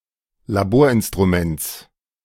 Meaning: genitive singular of Laborinstrument
- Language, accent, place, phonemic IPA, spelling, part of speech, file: German, Germany, Berlin, /laˈboːɐ̯ʔɪnstʁuˌmɛnt͡s/, Laborinstruments, noun, De-Laborinstruments.ogg